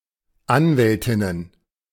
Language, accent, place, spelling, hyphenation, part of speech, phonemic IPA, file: German, Germany, Berlin, Anwältinnen, An‧wäl‧tin‧nen, noun, /ˈanvɛltɪnən/, De-Anwältinnen.ogg
- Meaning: plural of Anwältin